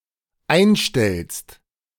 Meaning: second-person singular dependent present of einstellen
- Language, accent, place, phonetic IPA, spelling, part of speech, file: German, Germany, Berlin, [ˈaɪ̯nˌʃtɛlst], einstellst, verb, De-einstellst.ogg